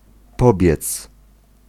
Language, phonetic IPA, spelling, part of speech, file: Polish, [ˈpɔbʲjɛt͡s], pobiec, verb, Pl-pobiec.ogg